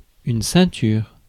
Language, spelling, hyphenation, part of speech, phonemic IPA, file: French, ceinture, cein‧ture, noun, /sɛ̃.tyʁ/, Fr-ceinture.ogg
- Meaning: belt (item of clothing)